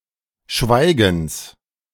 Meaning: genitive of Schweigen
- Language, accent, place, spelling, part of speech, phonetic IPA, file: German, Germany, Berlin, Schweigens, noun, [ˈʃvaɪ̯ɡəns], De-Schweigens.ogg